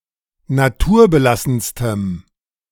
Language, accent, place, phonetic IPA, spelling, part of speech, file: German, Germany, Berlin, [naˈtuːɐ̯bəˌlasn̩stəm], naturbelassenstem, adjective, De-naturbelassenstem.ogg
- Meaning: strong dative masculine/neuter singular superlative degree of naturbelassen